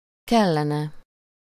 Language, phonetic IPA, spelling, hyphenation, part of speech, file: Hungarian, [ˈkɛlːɛnɛ], kellene, kel‧le‧ne, verb, Hu-kellene.ogg
- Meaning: third-person singular conditional of kell